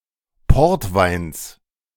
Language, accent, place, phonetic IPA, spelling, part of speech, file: German, Germany, Berlin, [ˈpɔʁtˌvaɪ̯ns], Portweins, noun, De-Portweins.ogg
- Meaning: genitive singular of Portwein